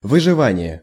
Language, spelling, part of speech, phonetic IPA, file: Russian, выживание, noun, [vɨʐɨˈvanʲɪje], Ru-выживание.ogg
- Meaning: survival